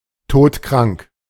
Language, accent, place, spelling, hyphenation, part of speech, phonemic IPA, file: German, Germany, Berlin, todkrank, tod‧krank, adjective, /ˈtoːtˌkʁaŋk/, De-todkrank.ogg
- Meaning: terminally ill